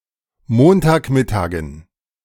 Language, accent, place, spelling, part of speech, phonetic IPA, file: German, Germany, Berlin, Montagmittagen, noun, [ˈmoːntaːkˌmɪtaːɡn̩], De-Montagmittagen.ogg
- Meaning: dative plural of Montagmittag